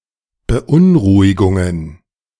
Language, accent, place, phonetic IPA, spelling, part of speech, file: German, Germany, Berlin, [bəˈʔʊnˌʁuːɪɡʊŋən], Beunruhigungen, noun, De-Beunruhigungen.ogg
- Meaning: plural of Beunruhigung